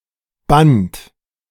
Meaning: inflection of bannen: 1. second-person plural present 2. third-person singular present 3. plural imperative
- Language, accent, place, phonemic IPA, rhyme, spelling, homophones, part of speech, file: German, Germany, Berlin, /bant/, -ant, bannt, Band, verb, De-bannt.ogg